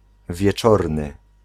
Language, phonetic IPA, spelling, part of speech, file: Polish, [vʲjɛˈt͡ʃɔrnɨ], wieczorny, adjective, Pl-wieczorny.ogg